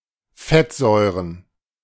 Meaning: plural of Fettsäure
- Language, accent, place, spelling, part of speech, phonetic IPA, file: German, Germany, Berlin, Fettsäuren, noun, [ˈfɛtˌzɔɪ̯ʁən], De-Fettsäuren.ogg